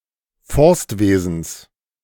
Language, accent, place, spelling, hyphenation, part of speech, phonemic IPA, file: German, Germany, Berlin, Forstwesens, Forst‧we‧sens, noun, /ˈfɔʁstˌveːzn̩s/, De-Forstwesens.ogg
- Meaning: genitive singular of Forstwesen